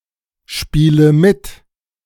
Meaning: inflection of mitspielen: 1. first-person singular present 2. first/third-person singular subjunctive I 3. singular imperative
- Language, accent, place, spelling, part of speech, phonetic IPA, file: German, Germany, Berlin, spiele mit, verb, [ˌʃpiːlə ˈmɪt], De-spiele mit.ogg